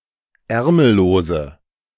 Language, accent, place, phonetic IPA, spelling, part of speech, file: German, Germany, Berlin, [ˈɛʁml̩loːzə], ärmellose, adjective, De-ärmellose.ogg
- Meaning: inflection of ärmellos: 1. strong/mixed nominative/accusative feminine singular 2. strong nominative/accusative plural 3. weak nominative all-gender singular